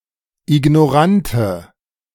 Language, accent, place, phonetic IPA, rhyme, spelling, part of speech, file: German, Germany, Berlin, [ɪɡnɔˈʁantə], -antə, ignorante, adjective, De-ignorante.ogg
- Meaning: inflection of ignorant: 1. strong/mixed nominative/accusative feminine singular 2. strong nominative/accusative plural 3. weak nominative all-gender singular